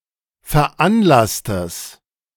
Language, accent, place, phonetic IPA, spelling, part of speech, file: German, Germany, Berlin, [fɛɐ̯ˈʔanˌlastəs], veranlasstes, adjective, De-veranlasstes.ogg
- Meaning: strong/mixed nominative/accusative neuter singular of veranlasst